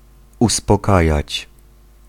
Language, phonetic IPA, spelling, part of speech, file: Polish, [ˌuspɔˈkajät͡ɕ], uspokajać, verb, Pl-uspokajać.ogg